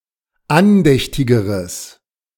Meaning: strong/mixed nominative/accusative neuter singular comparative degree of andächtig
- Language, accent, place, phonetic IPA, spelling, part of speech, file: German, Germany, Berlin, [ˈanˌdɛçtɪɡəʁəs], andächtigeres, adjective, De-andächtigeres.ogg